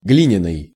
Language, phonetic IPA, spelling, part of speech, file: Russian, [ˈɡlʲinʲɪnɨj], глиняный, adjective, Ru-глиняный.ogg
- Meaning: 1. clay 2. pottery